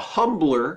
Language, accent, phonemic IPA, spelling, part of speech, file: English, US, /ˈhʌmblɚ/, humbler, noun, En-us-humbler.ogg
- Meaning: 1. One who humbles 2. A physical restraint that clamps around the base of the scrotum and prevents straightening of the legs